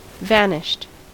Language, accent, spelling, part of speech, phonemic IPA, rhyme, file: English, US, vanished, adjective / verb, /ˈvænɪʃt/, -ænɪʃt, En-us-vanished.ogg
- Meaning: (adjective) No longer apparent; not extant; gone; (verb) simple past and past participle of vanish